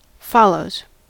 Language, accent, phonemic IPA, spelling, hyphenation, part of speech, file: English, US, /ˈfɑ.loʊz/, follows, fol‧lows, verb / noun, En-us-follows.ogg
- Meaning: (verb) third-person singular simple present indicative of follow; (noun) plural of follow